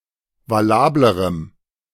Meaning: strong dative masculine/neuter singular comparative degree of valabel
- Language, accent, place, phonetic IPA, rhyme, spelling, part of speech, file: German, Germany, Berlin, [vaˈlaːbləʁəm], -aːbləʁəm, valablerem, adjective, De-valablerem.ogg